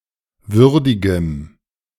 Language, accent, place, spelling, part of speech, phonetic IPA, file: German, Germany, Berlin, würdigem, adjective, [ˈvʏʁdɪɡəm], De-würdigem.ogg
- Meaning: strong dative masculine/neuter singular of würdig